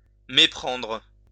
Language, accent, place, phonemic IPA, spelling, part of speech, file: French, France, Lyon, /me.pʁɑ̃dʁ/, méprendre, verb, LL-Q150 (fra)-méprendre.wav
- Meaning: 1. to mistake [with sur] (to confuse someone for another) 2. to make a mistake 3. to misunderstand